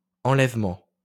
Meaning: 1. takeoff, liftoff 2. removal, whether by moving, by destroying, or by erasing 3. abduction, kidnapping
- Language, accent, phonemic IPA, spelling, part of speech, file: French, France, /ɑ̃.lɛv.mɑ̃/, enlèvement, noun, LL-Q150 (fra)-enlèvement.wav